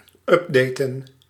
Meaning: to update
- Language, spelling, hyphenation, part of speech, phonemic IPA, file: Dutch, updaten, up‧da‧ten, verb, /ˈʏpˌdeː.tə(n)/, Nl-updaten.ogg